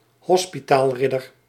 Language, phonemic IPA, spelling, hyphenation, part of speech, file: Dutch, /ˈɦɔs.pi.taːlˌrɪ.dər/, hospitaalridder, hos‧pi‧taal‧rid‧der, noun, Nl-hospitaalridder.ogg
- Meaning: Knight-Hospitaller, member of the Order of St. John or one of its derivative orders